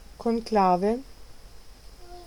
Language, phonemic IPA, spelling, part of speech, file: Italian, /konˈklave/, conclave, noun, It-conclave.ogg